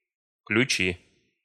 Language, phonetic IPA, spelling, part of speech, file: Russian, [klʲʉˈt͡ɕi], ключи, noun, Ru-ключи.ogg
- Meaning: nominative/accusative plural of ключ (ključ)